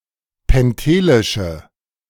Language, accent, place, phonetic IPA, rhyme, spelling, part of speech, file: German, Germany, Berlin, [pɛnˈteːlɪʃə], -eːlɪʃə, pentelische, adjective, De-pentelische.ogg
- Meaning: inflection of pentelisch: 1. strong/mixed nominative/accusative feminine singular 2. strong nominative/accusative plural 3. weak nominative all-gender singular